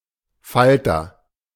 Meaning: 1. A lepidopteran; an insect of the order Lepidoptera (i.e., a butterfly or moth) 2. imago of an insect of the order Lepidoptera 3. leaflet, folder
- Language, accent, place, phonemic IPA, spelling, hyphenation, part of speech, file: German, Germany, Berlin, /ˈfaltɐ/, Falter, Fal‧ter, noun, De-Falter.ogg